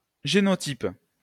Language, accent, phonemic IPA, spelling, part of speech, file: French, France, /ʒe.nɔ.tip/, génotype, noun, LL-Q150 (fra)-génotype.wav
- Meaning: genotype